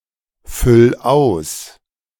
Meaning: 1. singular imperative of ausfüllen 2. first-person singular present of ausfüllen
- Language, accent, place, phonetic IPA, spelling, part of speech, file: German, Germany, Berlin, [ˌfʏl ˈaʊ̯s], füll aus, verb, De-füll aus.ogg